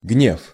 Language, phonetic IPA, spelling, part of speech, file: Russian, [ɡnʲef], гнев, noun, Ru-гнев.ogg
- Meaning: anger; wrath